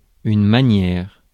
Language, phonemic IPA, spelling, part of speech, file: French, /ma.njɛʁ/, manière, noun / adverb, Fr-manière.ogg
- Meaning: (noun) manner, way; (adverb) somewhat, kinda, sorta, a bit, a little